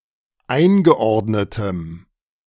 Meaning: strong dative masculine/neuter singular of eingeordnet
- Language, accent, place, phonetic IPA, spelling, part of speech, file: German, Germany, Berlin, [ˈaɪ̯nɡəˌʔɔʁdnətəm], eingeordnetem, adjective, De-eingeordnetem.ogg